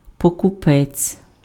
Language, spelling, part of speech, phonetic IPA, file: Ukrainian, покупець, noun, [pɔkʊˈpɛt͡sʲ], Uk-покупець.ogg
- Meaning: buyer, purchaser